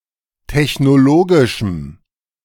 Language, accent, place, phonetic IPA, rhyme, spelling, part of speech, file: German, Germany, Berlin, [tɛçnoˈloːɡɪʃm̩], -oːɡɪʃm̩, technologischem, adjective, De-technologischem.ogg
- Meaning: strong dative masculine/neuter singular of technologisch